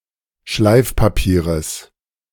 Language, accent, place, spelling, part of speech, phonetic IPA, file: German, Germany, Berlin, Schleifpapieres, noun, [ˈʃlaɪ̯fpaˌpiːʁəs], De-Schleifpapieres.ogg
- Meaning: genitive singular of Schleifpapier